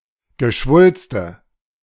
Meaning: nominative/accusative/genitive plural of Geschwulst
- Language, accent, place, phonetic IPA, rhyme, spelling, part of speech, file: German, Germany, Berlin, [ɡəˈʃvʊlstə], -ʊlstə, Geschwulste, noun, De-Geschwulste.ogg